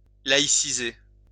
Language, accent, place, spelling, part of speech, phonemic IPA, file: French, France, Lyon, laïciser, verb, /la.i.si.ze/, LL-Q150 (fra)-laïciser.wav
- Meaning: to laicize; to secularize